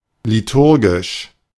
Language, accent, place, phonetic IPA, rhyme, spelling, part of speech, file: German, Germany, Berlin, [liˈtʊʁɡɪʃ], -ʊʁɡɪʃ, liturgisch, adjective, De-liturgisch.ogg
- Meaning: liturgic, liturgical